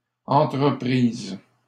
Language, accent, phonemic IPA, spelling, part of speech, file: French, Canada, /ɑ̃.tʁə.pʁiz/, entreprises, noun, LL-Q150 (fra)-entreprises.wav
- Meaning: plural of entreprise